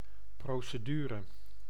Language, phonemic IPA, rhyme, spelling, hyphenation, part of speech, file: Dutch, /ˌproːsəˈdyːrə/, -yːrə, procedure, pro‧ce‧du‧re, noun, Nl-procedure.ogg
- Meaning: procedure